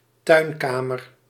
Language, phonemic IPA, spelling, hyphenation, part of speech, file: Dutch, /ˈtœy̯nˌkaː.mər/, tuinkamer, tuin‧ka‧mer, noun, Nl-tuinkamer.ogg
- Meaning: conservatory room